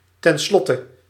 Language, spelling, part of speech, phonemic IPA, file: Dutch, ten slotte, adverb, /tɛnˈslɔtə/, Nl-ten slotte.ogg
- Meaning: at last, finally